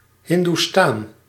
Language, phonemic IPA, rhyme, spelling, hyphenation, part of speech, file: Dutch, /ˌɦɪn.duˈstaːn/, -aːn, Hindoestaan, Hin‧doe‧staan, noun, Nl-Hindoestaan.ogg
- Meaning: an Indian-Surinamese person, a Surinamese person of Indian descent